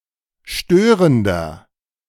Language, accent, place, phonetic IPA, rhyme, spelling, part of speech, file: German, Germany, Berlin, [ˈʃtøːʁəndɐ], -øːʁəndɐ, störender, adjective, De-störender.ogg
- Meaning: inflection of störend: 1. strong/mixed nominative masculine singular 2. strong genitive/dative feminine singular 3. strong genitive plural